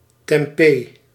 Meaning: tempeh
- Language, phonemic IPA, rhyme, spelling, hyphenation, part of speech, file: Dutch, /tɛmˈpeː/, -eː, tempé, tem‧pé, noun, Nl-tempé.ogg